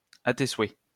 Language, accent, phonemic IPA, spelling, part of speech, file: French, France, /a te swɛ/, à tes souhaits, interjection, LL-Q150 (fra)-à tes souhaits.wav
- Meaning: bless you (said in response to the first sneeze)